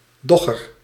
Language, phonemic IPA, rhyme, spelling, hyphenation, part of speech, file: Dutch, /ˈdɔ.ɣər/, -ɔɣər, dogger, dog‧ger, noun, Nl-dogger.ogg
- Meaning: 1. dogger, fishing boat used for catching cod and haddock 2. cod and haddock fisherman who works from a fishing boat 3. tubular net or fish trap used for catching cod and haddock